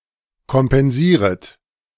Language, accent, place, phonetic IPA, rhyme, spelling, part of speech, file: German, Germany, Berlin, [kɔmpɛnˈziːʁət], -iːʁət, kompensieret, verb, De-kompensieret.ogg
- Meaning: second-person plural subjunctive I of kompensieren